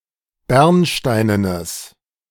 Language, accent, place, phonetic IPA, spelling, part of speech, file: German, Germany, Berlin, [ˈbɛʁnˌʃtaɪ̯nənəs], bernsteinenes, adjective, De-bernsteinenes.ogg
- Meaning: strong/mixed nominative/accusative neuter singular of bernsteinen